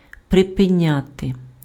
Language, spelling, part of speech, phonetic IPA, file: Ukrainian, припиняти, verb, [prepeˈnʲate], Uk-припиняти.ogg
- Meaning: to stop, to cease, to discontinue, to break off (interrupt the continuance of)